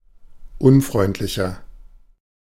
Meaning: 1. comparative degree of unfreundlich 2. inflection of unfreundlich: strong/mixed nominative masculine singular 3. inflection of unfreundlich: strong genitive/dative feminine singular
- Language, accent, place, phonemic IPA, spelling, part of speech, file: German, Germany, Berlin, /ˈʔʊnˌfʁɔɪ̯ntlɪçɐ/, unfreundlicher, adjective, De-unfreundlicher.ogg